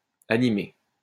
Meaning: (adjective) masculine plural of animé; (noun) plural of animé
- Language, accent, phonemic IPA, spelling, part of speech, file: French, France, /a.ni.me/, animés, adjective / noun / verb, LL-Q150 (fra)-animés.wav